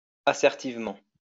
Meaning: assertively
- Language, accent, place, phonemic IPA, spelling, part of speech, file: French, France, Lyon, /a.sɛʁ.tiv.mɑ̃/, assertivement, adverb, LL-Q150 (fra)-assertivement.wav